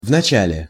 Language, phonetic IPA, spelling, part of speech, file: Russian, [vnɐˈt͡ɕælʲe], вначале, adverb, Ru-вначале.ogg
- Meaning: at first, first (at the beginning)